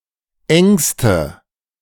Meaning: inflection of eng: 1. strong/mixed nominative/accusative feminine singular superlative degree 2. strong nominative/accusative plural superlative degree
- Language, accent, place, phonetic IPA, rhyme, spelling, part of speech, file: German, Germany, Berlin, [ˈɛŋstə], -ɛŋstə, engste, adjective, De-engste.ogg